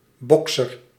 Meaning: boxer (participant in a boxing match)
- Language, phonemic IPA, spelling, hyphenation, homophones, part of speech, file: Dutch, /ˈbɔk.sər/, bokser, bok‧ser, boxer, noun, Nl-bokser.ogg